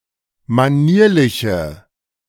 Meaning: inflection of manierlich: 1. strong/mixed nominative/accusative feminine singular 2. strong nominative/accusative plural 3. weak nominative all-gender singular
- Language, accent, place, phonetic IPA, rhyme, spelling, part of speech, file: German, Germany, Berlin, [maˈniːɐ̯lɪçə], -iːɐ̯lɪçə, manierliche, adjective, De-manierliche.ogg